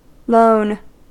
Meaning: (adjective) 1. Solitary; having no companion 2. Isolated or lonely; lacking companionship 3. Sole; being the only one of a type 4. Situated by itself or by oneself, with no neighbours
- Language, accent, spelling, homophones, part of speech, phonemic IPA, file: English, US, lone, loan, adjective / verb, /loʊn/, En-us-lone.ogg